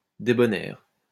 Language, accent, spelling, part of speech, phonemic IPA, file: French, France, débonnaire, adjective, /de.bɔ.nɛʁ/, LL-Q150 (fra)-débonnaire.wav
- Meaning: 1. kind; gentle, good 2. weak-willed; soft